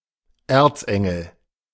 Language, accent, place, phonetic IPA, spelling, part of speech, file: German, Germany, Berlin, [ˈeːɐ̯t͡sˌʔɛŋl̩], Erzengel, noun, De-Erzengel.ogg
- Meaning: archangel